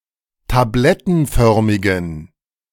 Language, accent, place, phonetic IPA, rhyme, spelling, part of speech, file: German, Germany, Berlin, [taˈblɛtn̩ˌfœʁmɪɡn̩], -ɛtn̩fœʁmɪɡn̩, tablettenförmigen, adjective, De-tablettenförmigen.ogg
- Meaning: inflection of tablettenförmig: 1. strong genitive masculine/neuter singular 2. weak/mixed genitive/dative all-gender singular 3. strong/weak/mixed accusative masculine singular 4. strong dative plural